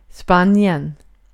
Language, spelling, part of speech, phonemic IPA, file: Swedish, Spanien, proper noun, /ˈspanjɛn/, Sv-Spanien.ogg
- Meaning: Spain (a country in Southern Europe, including most of the Iberian peninsula)